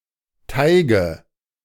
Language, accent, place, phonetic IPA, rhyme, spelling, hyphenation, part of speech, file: German, Germany, Berlin, [ˈtaɪ̯ɡə], -aɪ̯ɡə, Teige, Tei‧ge, noun, De-Teige.ogg
- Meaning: nominative/accusative/genitive plural of Teig